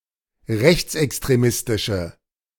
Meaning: inflection of rechtsextremistisch: 1. strong/mixed nominative/accusative feminine singular 2. strong nominative/accusative plural 3. weak nominative all-gender singular
- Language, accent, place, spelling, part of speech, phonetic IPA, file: German, Germany, Berlin, rechtsextremistische, adjective, [ˈʁɛçt͡sʔɛkstʁeˌmɪstɪʃə], De-rechtsextremistische.ogg